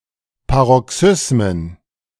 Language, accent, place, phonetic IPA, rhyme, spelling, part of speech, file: German, Germany, Berlin, [paʁɔˈksʏsmən], -ʏsmən, Paroxysmen, noun, De-Paroxysmen.ogg
- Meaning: plural of Paroxysmus